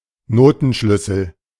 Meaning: clef
- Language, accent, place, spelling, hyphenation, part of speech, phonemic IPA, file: German, Germany, Berlin, Notenschlüssel, No‧ten‧schlüs‧sel, noun, /ˈnoːtn̩ˌʃlʏsl̩/, De-Notenschlüssel.ogg